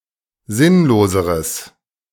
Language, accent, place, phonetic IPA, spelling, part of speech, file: German, Germany, Berlin, [ˈzɪnloːzəʁəs], sinnloseres, adjective, De-sinnloseres.ogg
- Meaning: strong/mixed nominative/accusative neuter singular comparative degree of sinnlos